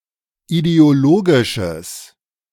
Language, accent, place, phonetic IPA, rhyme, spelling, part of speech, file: German, Germany, Berlin, [ideoˈloːɡɪʃəs], -oːɡɪʃəs, ideologisches, adjective, De-ideologisches.ogg
- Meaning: strong/mixed nominative/accusative neuter singular of ideologisch